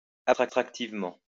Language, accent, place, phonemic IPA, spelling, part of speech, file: French, France, Lyon, /ap.stʁak.tiv.mɑ̃/, abstractivement, adverb, LL-Q150 (fra)-abstractivement.wav
- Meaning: abstractively